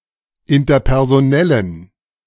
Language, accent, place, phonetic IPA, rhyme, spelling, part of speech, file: German, Germany, Berlin, [ɪntɐpɛʁzoˈnɛlən], -ɛlən, interpersonellen, adjective, De-interpersonellen.ogg
- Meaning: inflection of interpersonell: 1. strong genitive masculine/neuter singular 2. weak/mixed genitive/dative all-gender singular 3. strong/weak/mixed accusative masculine singular 4. strong dative plural